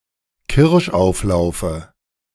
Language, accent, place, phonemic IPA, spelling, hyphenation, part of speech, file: German, Germany, Berlin, /kɪʁʃˌʔaʊ̯flaʊ̯fə/, Kirschauflaufe, Kirsch‧auf‧lau‧fe, noun, De-Kirschauflaufe.ogg
- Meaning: dative singular of Kirschauflauf